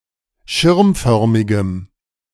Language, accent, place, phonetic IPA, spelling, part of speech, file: German, Germany, Berlin, [ˈʃɪʁmˌfœʁmɪɡəm], schirmförmigem, adjective, De-schirmförmigem.ogg
- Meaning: strong dative masculine/neuter singular of schirmförmig